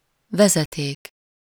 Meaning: 1. wire 2. pipe, line, tube, conduit, duct
- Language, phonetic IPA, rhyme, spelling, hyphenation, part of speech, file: Hungarian, [ˈvɛzɛteːk], -eːk, vezeték, ve‧ze‧ték, noun, Hu-vezeték.ogg